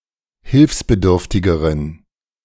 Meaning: inflection of hilfsbedürftig: 1. strong genitive masculine/neuter singular comparative degree 2. weak/mixed genitive/dative all-gender singular comparative degree
- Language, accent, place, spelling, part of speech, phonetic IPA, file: German, Germany, Berlin, hilfsbedürftigeren, adjective, [ˈhɪlfsbəˌdʏʁftɪɡəʁən], De-hilfsbedürftigeren.ogg